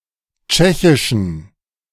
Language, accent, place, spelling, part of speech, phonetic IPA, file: German, Germany, Berlin, tschechischen, adjective, [ˈt͡ʃɛçɪʃn̩], De-tschechischen.ogg
- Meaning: inflection of tschechisch: 1. strong genitive masculine/neuter singular 2. weak/mixed genitive/dative all-gender singular 3. strong/weak/mixed accusative masculine singular 4. strong dative plural